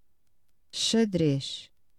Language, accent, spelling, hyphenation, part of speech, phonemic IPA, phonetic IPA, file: Portuguese, Portugal, xadrez, xa‧drez, noun / adjective, /ʃɐˈdɾeʃ/, [ʃɐˈðɾeʃ], Pt-xadrez.oga
- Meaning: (noun) 1. chess 2. checkered pattern 3. jail, prison; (adjective) checkered